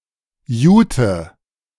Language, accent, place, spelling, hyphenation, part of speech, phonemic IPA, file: German, Germany, Berlin, Jute, Ju‧te, noun, /ˈjuːtə/, De-Jute.ogg
- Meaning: jute